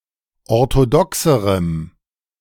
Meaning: strong dative masculine/neuter singular comparative degree of orthodox
- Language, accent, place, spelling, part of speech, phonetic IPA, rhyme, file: German, Germany, Berlin, orthodoxerem, adjective, [ɔʁtoˈdɔksəʁəm], -ɔksəʁəm, De-orthodoxerem.ogg